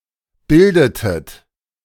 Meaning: inflection of bilden: 1. second-person plural preterite 2. second-person plural subjunctive II
- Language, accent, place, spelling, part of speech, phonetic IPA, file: German, Germany, Berlin, bildetet, verb, [ˈbɪldətət], De-bildetet.ogg